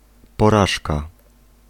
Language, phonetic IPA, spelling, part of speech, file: Polish, [pɔˈraʃka], porażka, noun, Pl-porażka.ogg